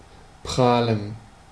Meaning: to brag, to boast
- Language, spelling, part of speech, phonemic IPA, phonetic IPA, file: German, prahlen, verb, /ˈpʁaːlən/, [ˈpʁaːln], De-prahlen.ogg